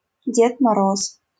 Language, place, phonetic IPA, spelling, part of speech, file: Russian, Saint Petersburg, [ˈdʲet mɐˈros], Дед Мороз, proper noun, LL-Q7737 (rus)-Дед Мороз.wav
- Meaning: Father Christmas, Father Frost (equivalent to Santa Claus)